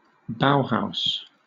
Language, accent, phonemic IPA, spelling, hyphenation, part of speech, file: English, Southern England, /ˈbaʊhaʊs/, Bauhaus, Bau‧haus, proper noun, LL-Q1860 (eng)-Bauhaus.wav
- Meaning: A modernist style characterized by the absence of ornamentation and by harmony between the function of a building or an object and its design